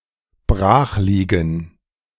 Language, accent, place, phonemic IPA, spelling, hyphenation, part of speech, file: German, Germany, Berlin, /ˈbʁaːxˌliːɡn̩/, brachliegen, brach‧lie‧gen, verb, De-brachliegen.ogg
- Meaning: to be fallow, empty, unused